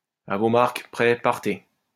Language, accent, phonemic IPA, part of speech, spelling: French, France, /a vo maʁk | pʁɛ | paʁ.te/, interjection, à vos marques, prêts, partez
- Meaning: on your mark, get set, go!